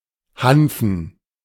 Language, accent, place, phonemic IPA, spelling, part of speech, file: German, Germany, Berlin, /ˈhanfn̩/, hanfen, adjective, De-hanfen.ogg
- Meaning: hempen